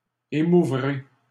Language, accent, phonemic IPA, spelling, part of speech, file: French, Canada, /e.mu.vʁe/, émouvrai, verb, LL-Q150 (fra)-émouvrai.wav
- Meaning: first-person singular future of émouvoir